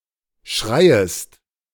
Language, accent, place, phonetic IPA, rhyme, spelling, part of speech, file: German, Germany, Berlin, [ˈʃʁaɪ̯əst], -aɪ̯əst, schreiest, verb, De-schreiest.ogg
- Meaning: second-person singular subjunctive I of schreien